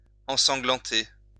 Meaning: to cover with shed blood
- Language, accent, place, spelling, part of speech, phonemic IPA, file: French, France, Lyon, ensanglanter, verb, /ɑ̃.sɑ̃.ɡlɑ̃.te/, LL-Q150 (fra)-ensanglanter.wav